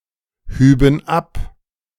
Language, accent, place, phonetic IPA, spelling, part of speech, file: German, Germany, Berlin, [ˌhyːbn̩ ˈap], hüben ab, verb, De-hüben ab.ogg
- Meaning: first/third-person plural subjunctive II of abheben